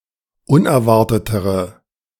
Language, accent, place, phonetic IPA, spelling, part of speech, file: German, Germany, Berlin, [ˈʊnɛɐ̯ˌvaʁtətəʁə], unerwartetere, adjective, De-unerwartetere.ogg
- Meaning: inflection of unerwartet: 1. strong/mixed nominative/accusative feminine singular comparative degree 2. strong nominative/accusative plural comparative degree